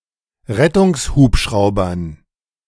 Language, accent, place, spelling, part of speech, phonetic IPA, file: German, Germany, Berlin, Rettungshubschraubern, noun, [ˈʁɛtʊŋsˌhuːpʃʁaʊ̯bɐn], De-Rettungshubschraubern.ogg
- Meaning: dative plural of Rettungshubschrauber